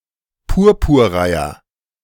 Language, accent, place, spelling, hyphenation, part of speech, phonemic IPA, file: German, Germany, Berlin, Purpurreiher, Pur‧pur‧rei‧her, noun, /ˈpʊʁpʊʁˌʁaɪ̯ɐ/, De-Purpurreiher.ogg
- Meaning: purple heron (bird of the species Ardea purpurea)